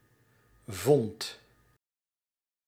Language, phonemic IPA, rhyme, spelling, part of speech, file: Dutch, /vɔnt/, -ɔnt, vond, noun / verb, Nl-vond.ogg
- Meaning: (noun) synonym of vondst (“a find; the act of finding”); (verb) singular past indicative of vinden